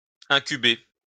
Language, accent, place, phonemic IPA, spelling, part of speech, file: French, France, Lyon, /ɛ̃.ky.be/, incuber, verb, LL-Q150 (fra)-incuber.wav
- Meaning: to incubate